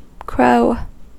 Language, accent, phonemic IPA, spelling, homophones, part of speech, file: English, US, /kɹoʊ/, crow, cro / Crow, noun / adjective / verb, En-us-crow.ogg
- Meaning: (noun) A bird, usually black, of the genus Corvus, having a strong conical beak, with projecting bristles; it has a harsh, croaking call